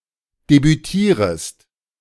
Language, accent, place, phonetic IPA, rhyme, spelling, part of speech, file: German, Germany, Berlin, [debyˈtiːʁəst], -iːʁəst, debütierest, verb, De-debütierest.ogg
- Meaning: second-person singular subjunctive I of debütieren